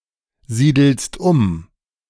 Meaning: second-person singular present of umsiedeln
- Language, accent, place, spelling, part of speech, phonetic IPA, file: German, Germany, Berlin, siedelst um, verb, [ˌziːdl̩st ˈʊm], De-siedelst um.ogg